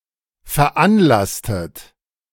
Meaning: inflection of veranlassen: 1. second-person plural preterite 2. second-person plural subjunctive II
- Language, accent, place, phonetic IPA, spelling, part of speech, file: German, Germany, Berlin, [fɛɐ̯ˈʔanˌlastət], veranlasstet, verb, De-veranlasstet.ogg